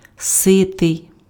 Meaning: 1. satiated, full 2. fed up
- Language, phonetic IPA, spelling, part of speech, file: Ukrainian, [ˈsɪtei̯], ситий, adjective, Uk-ситий.ogg